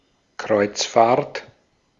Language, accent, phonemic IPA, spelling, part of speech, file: German, Austria, /ˈkʁɔɪ̯tsfaːɐ̯t/, Kreuzfahrt, noun, De-at-Kreuzfahrt.ogg
- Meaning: 1. crusade 2. cruise